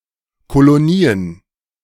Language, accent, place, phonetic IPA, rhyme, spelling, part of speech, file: German, Germany, Berlin, [koloˈniːən], -iːən, Kolonien, noun, De-Kolonien.ogg
- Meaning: plural of Kolonie